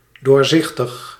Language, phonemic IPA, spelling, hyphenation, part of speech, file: Dutch, /ˌdoːrˈzɪx.təx/, doorzichtig, door‧zich‧tig, adjective, Nl-doorzichtig.ogg
- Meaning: transparent